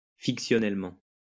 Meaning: fictionally
- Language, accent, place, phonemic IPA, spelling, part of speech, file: French, France, Lyon, /fik.sjɔ.nɛl.mɑ̃/, fictionnellement, adverb, LL-Q150 (fra)-fictionnellement.wav